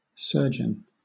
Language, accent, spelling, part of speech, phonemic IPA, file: English, Southern England, surgeon, noun, /ˈsɜːd͡ʒən/, LL-Q1860 (eng)-surgeon.wav
- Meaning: 1. One who performs surgery; a doctor who performs operations on people or animals 2. A surgeonfish